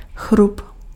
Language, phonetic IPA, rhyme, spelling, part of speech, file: Czech, [ˈxrup], -up, chrup, noun, Cs-chrup.oga
- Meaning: teeth